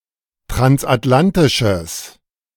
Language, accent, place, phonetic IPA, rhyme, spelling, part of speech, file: German, Germany, Berlin, [tʁansʔatˈlantɪʃəs], -antɪʃəs, transatlantisches, adjective, De-transatlantisches.ogg
- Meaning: strong/mixed nominative/accusative neuter singular of transatlantisch